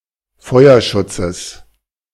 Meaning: genitive singular of Feuerschutz
- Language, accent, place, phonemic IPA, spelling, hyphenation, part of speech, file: German, Germany, Berlin, /ˈfɔɪ̯ɐˌʃʊt͡səs/, Feuerschutzes, Feuer‧schut‧zes, noun, De-Feuerschutzes.ogg